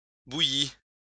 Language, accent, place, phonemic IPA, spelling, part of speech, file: French, France, Lyon, /bu.ji/, bouillis, verb, LL-Q150 (fra)-bouillis.wav
- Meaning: 1. first/second-person singular past historic of bouillir 2. masculine plural of bouilli